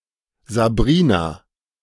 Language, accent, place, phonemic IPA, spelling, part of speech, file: German, Germany, Berlin, /zaˈbʁiːna/, Sabrina, proper noun, De-Sabrina.ogg
- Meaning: a female given name from English, popular from the 1970's to the 1990's